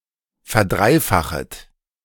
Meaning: second-person plural subjunctive I of verdreifachen
- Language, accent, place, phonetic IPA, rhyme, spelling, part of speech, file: German, Germany, Berlin, [fɛɐ̯ˈdʁaɪ̯ˌfaxət], -aɪ̯faxət, verdreifachet, verb, De-verdreifachet.ogg